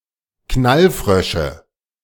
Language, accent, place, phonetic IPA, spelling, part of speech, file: German, Germany, Berlin, [ˈknalˌfʁœʃə], Knallfrösche, noun, De-Knallfrösche.ogg
- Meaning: nominative/accusative/genitive plural of Knallfrosch